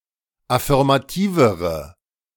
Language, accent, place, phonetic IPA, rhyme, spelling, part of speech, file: German, Germany, Berlin, [afɪʁmaˈtiːvəʁə], -iːvəʁə, affirmativere, adjective, De-affirmativere.ogg
- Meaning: inflection of affirmativ: 1. strong/mixed nominative/accusative feminine singular comparative degree 2. strong nominative/accusative plural comparative degree